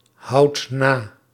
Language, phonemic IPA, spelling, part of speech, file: Dutch, /ˈhɑut ˈna/, houdt na, verb, Nl-houdt na.ogg
- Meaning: inflection of nahouden: 1. second/third-person singular present indicative 2. plural imperative